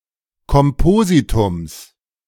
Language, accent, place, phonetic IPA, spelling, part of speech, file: German, Germany, Berlin, [kɔmˈpoːzitʊms], Kompositums, noun, De-Kompositums.ogg
- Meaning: genitive singular of Kompositum